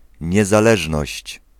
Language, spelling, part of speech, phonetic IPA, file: Polish, niezależność, noun, [ˌɲɛzaˈlɛʒnɔɕt͡ɕ], Pl-niezależność.ogg